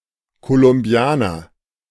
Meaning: Colombian
- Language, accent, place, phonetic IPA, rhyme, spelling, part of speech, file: German, Germany, Berlin, [kolʊmˈbi̯aːnɐ], -aːnɐ, Kolumbianer, noun, De-Kolumbianer.ogg